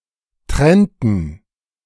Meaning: inflection of trennen: 1. first/third-person plural preterite 2. first/third-person plural subjunctive II
- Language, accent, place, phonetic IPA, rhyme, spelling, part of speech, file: German, Germany, Berlin, [ˈtʁɛntn̩], -ɛntn̩, trennten, verb, De-trennten.ogg